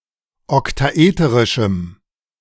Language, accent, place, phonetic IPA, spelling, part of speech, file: German, Germany, Berlin, [ɔktaˈʔeːtəʁɪʃm̩], oktaeterischem, adjective, De-oktaeterischem.ogg
- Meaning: strong dative masculine/neuter singular of oktaeterisch